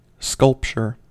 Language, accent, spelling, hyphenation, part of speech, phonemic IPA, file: English, US, sculpture, sculp‧ture, noun / verb, /ˈskʌlpt͡ʃɚ/, En-us-sculpture.ogg
- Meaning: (noun) A three-dimensional work of art created by shaping malleable objects and letting them harden or by chipping away pieces from a rock (sculpting)